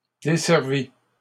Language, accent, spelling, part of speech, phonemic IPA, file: French, Canada, desservit, verb, /de.sɛʁ.vi/, LL-Q150 (fra)-desservit.wav
- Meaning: third-person singular past historic of desservir